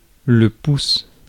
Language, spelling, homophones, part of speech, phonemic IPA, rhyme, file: French, pouce, pousse / poussent / pousses, noun / interjection, /pus/, -us, Fr-pouce.ogg
- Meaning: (noun) 1. thumb 2. inch; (interjection) stop!, wait!